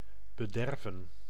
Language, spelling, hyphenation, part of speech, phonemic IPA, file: Dutch, bederven, be‧der‧ven, verb, /bəˈdɛrvə(n)/, Nl-bederven.ogg
- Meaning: 1. to spoil, to go off, to go bad 2. to make worse 3. to indulge, spoil